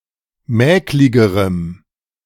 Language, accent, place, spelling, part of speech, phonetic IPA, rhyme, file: German, Germany, Berlin, mäkligerem, adjective, [ˈmɛːklɪɡəʁəm], -ɛːklɪɡəʁəm, De-mäkligerem.ogg
- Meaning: strong dative masculine/neuter singular comparative degree of mäklig